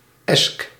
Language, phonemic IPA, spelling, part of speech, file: Dutch, /ɛsk/, -esk, suffix, Nl--esk.ogg
- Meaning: -esque: in the style of manner of